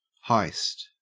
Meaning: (noun) 1. A robbery or burglary, especially from an institution such as a bank or museum 2. A fiction genre in which a heist is central to the plot; a work in such a genre
- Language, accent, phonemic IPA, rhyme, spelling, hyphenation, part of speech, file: English, Australia, /haɪst/, -aɪst, heist, heist, noun / verb, En-au-heist.ogg